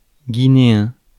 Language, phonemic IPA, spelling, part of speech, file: French, /ɡi.ne.ɛ̃/, guinéen, adjective, Fr-guinéen.ogg
- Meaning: Guinean (from Guinea)